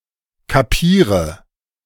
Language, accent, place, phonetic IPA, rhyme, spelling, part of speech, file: German, Germany, Berlin, [kaˈpiːʁə], -iːʁə, kapiere, verb, De-kapiere.ogg
- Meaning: inflection of kapieren: 1. first-person singular present 2. first/third-person singular subjunctive I 3. singular imperative